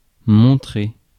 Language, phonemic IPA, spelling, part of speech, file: French, /mɔ̃.tʁe/, montrer, verb, Fr-montrer.ogg
- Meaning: 1. to show 2. to point to 3. to point out 4. to display, to demonstrate one's characteristics 5. to show off 6. to appear; to seem